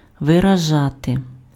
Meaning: to express (convey meaning)
- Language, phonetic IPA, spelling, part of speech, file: Ukrainian, [ʋerɐˈʒate], виражати, verb, Uk-виражати.ogg